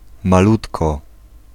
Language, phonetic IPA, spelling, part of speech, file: Polish, [maˈlutkɔ], malutko, adverb, Pl-malutko.ogg